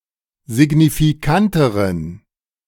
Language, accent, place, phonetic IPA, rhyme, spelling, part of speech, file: German, Germany, Berlin, [zɪɡnifiˈkantəʁən], -antəʁən, signifikanteren, adjective, De-signifikanteren.ogg
- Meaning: inflection of signifikant: 1. strong genitive masculine/neuter singular comparative degree 2. weak/mixed genitive/dative all-gender singular comparative degree